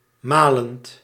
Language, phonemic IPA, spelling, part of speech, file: Dutch, /ˈmalənt/, malend, verb / adjective, Nl-malend.ogg
- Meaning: present participle of malen